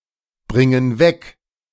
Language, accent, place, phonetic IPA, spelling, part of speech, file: German, Germany, Berlin, [ˌbʁɪŋən ˈvɛk], bringen weg, verb, De-bringen weg.ogg
- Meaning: inflection of wegbringen: 1. first/third-person plural present 2. first/third-person plural subjunctive I